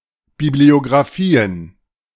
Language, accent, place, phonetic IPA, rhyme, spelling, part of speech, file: German, Germany, Berlin, [ˌbiblioɡʁaˈfiːən], -iːən, Bibliographien, noun, De-Bibliographien.ogg
- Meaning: plural of Bibliographie